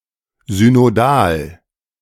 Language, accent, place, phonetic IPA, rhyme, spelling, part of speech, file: German, Germany, Berlin, [zynoˈdaːl], -aːl, synodal, adjective, De-synodal.ogg
- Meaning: synod; synodic (notably in ecclesiastic context)